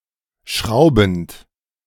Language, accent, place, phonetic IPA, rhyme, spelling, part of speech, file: German, Germany, Berlin, [ˈʃʁaʊ̯bn̩t], -aʊ̯bn̩t, schraubend, verb, De-schraubend.ogg
- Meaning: present participle of schrauben